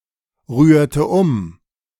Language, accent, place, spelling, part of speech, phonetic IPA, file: German, Germany, Berlin, rührte um, verb, [ˌʁyːɐ̯tə ˈʊm], De-rührte um.ogg
- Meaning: inflection of umrühren: 1. first/third-person singular preterite 2. first/third-person singular subjunctive II